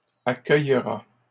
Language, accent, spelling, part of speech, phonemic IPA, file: French, Canada, accueillera, verb, /a.kœj.ʁa/, LL-Q150 (fra)-accueillera.wav
- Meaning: third-person singular future of accueillir